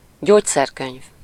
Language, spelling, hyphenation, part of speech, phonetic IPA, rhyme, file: Hungarian, gyógyszerkönyv, gyógy‧szer‧könyv, noun, [ˈɟoːcsɛrkøɲv], -øɲv, Hu-gyógyszerkönyv.ogg
- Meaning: pharmacopoeia (an official or standard list of medicinal drugs)